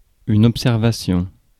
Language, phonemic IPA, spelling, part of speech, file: French, /ɔp.sɛʁ.va.sjɔ̃/, observation, noun, Fr-observation.ogg
- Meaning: 1. observation (careful or controlled attention or consideration) 2. observation (the result of such attention or consideration) 3. observation (process of detached, objective examination)